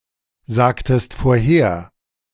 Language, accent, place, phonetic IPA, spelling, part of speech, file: German, Germany, Berlin, [ˌzaːktəst foːɐ̯ˈheːɐ̯], sagtest vorher, verb, De-sagtest vorher.ogg
- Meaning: inflection of vorhersagen: 1. second-person singular preterite 2. second-person singular subjunctive II